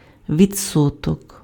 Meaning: 1. percentage, percent 2. interest, rate
- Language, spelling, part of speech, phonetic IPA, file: Ukrainian, відсоток, noun, [ʋʲid͡zˈsɔtɔk], Uk-відсоток.ogg